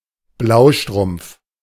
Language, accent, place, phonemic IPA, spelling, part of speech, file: German, Germany, Berlin, /ˈblaʊ̯ˌʃtʁʊmp͡f/, Blaustrumpf, noun, De-Blaustrumpf.ogg
- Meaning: bluestocking (literary or cultured woman)